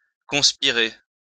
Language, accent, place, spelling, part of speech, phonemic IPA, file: French, France, Lyon, conspirer, verb, /kɔ̃s.pi.ʁe/, LL-Q150 (fra)-conspirer.wav
- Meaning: to conspire